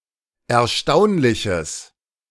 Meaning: strong/mixed nominative/accusative neuter singular of erstaunlich
- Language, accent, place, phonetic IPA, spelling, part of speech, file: German, Germany, Berlin, [ɛɐ̯ˈʃtaʊ̯nlɪçəs], erstaunliches, adjective, De-erstaunliches.ogg